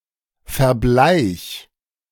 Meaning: singular imperative of verbleichen
- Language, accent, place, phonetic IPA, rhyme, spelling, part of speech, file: German, Germany, Berlin, [fɛɐ̯ˈblaɪ̯ç], -aɪ̯ç, verbleich, verb, De-verbleich.ogg